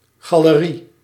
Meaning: gallery (an establishment that buys, sells, and displays works of art)
- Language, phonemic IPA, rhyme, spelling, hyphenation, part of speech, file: Dutch, /ɣɑ.ləˈri/, -i, galerie, ga‧le‧rie, noun, Nl-galerie.ogg